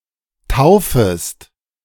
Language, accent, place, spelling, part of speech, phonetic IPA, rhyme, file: German, Germany, Berlin, taufest, verb, [ˈtaʊ̯fəst], -aʊ̯fəst, De-taufest.ogg
- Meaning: second-person singular subjunctive I of taufen